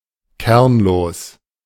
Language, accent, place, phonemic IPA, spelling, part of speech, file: German, Germany, Berlin, /ˈkɛʁnloːs/, kernlos, adjective, De-kernlos.ogg
- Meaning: seedless